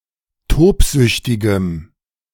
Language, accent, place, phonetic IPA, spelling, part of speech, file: German, Germany, Berlin, [ˈtoːpˌzʏçtɪɡəm], tobsüchtigem, adjective, De-tobsüchtigem.ogg
- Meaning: strong dative masculine/neuter singular of tobsüchtig